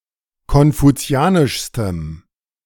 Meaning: strong dative masculine/neuter singular superlative degree of konfuzianisch
- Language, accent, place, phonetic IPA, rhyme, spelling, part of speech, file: German, Germany, Berlin, [kɔnfuˈt͡si̯aːnɪʃstəm], -aːnɪʃstəm, konfuzianischstem, adjective, De-konfuzianischstem.ogg